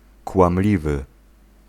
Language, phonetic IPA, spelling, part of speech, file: Polish, [kwãmˈlʲivɨ], kłamliwy, adjective, Pl-kłamliwy.ogg